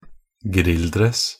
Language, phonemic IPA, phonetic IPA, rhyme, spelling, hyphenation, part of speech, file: Norwegian Bokmål, /²ˈɡrɪlːˌdrɛs/, [ˈɡrɪ̌lːˌdrɛs], -ɛs, grilldress, grill‧dress, noun, Nb-grilldress.ogg
- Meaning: a tracksuit, especially one worn while grilling, or more generally as casual leisurewear